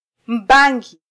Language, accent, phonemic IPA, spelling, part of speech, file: Swahili, Kenya, /ˈᵐbɑ.ᵑɡi/, mbangi, noun, Sw-ke-mbangi.flac
- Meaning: cannabis plant